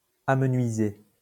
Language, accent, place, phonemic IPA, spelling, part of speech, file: French, France, Lyon, /a.mə.nɥi.ze/, amenuisé, verb, LL-Q150 (fra)-amenuisé.wav
- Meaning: past participle of amenuiser